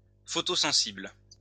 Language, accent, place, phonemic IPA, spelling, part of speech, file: French, France, Lyon, /fɔ.to.zɑ̃.sibl/, photosensible, adjective, LL-Q150 (fra)-photosensible.wav
- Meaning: photosensitive, light-sensitive